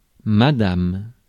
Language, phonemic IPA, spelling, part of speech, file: French, /ma.dam/, madame, noun, Fr-madame.ogg
- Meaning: a title or form of address for a woman, formerly for a married woman and now commonly for any adult woman regardless of marital status, used both in direct and third-person address